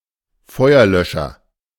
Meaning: fire extinguisher
- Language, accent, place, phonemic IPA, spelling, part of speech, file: German, Germany, Berlin, /ˈfɔɪ̯ɐˌlœʃɐ/, Feuerlöscher, noun, De-Feuerlöscher.ogg